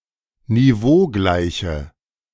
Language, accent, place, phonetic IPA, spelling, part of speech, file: German, Germany, Berlin, [niˈvoːˌɡlaɪ̯çə], niveaugleiche, adjective, De-niveaugleiche.ogg
- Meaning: inflection of niveaugleich: 1. strong/mixed nominative/accusative feminine singular 2. strong nominative/accusative plural 3. weak nominative all-gender singular